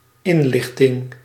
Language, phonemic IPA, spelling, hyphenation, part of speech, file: Dutch, /ˈɪnˌlɪx.tɪŋ/, inlichting, in‧lich‧ting, noun, Nl-inlichting.ogg
- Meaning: intelligence, source of information